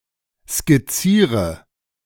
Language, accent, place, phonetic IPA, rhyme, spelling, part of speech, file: German, Germany, Berlin, [skɪˈt͡siːʁə], -iːʁə, skizziere, verb, De-skizziere.ogg
- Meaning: inflection of skizzieren: 1. first-person singular present 2. first/third-person singular subjunctive I 3. singular imperative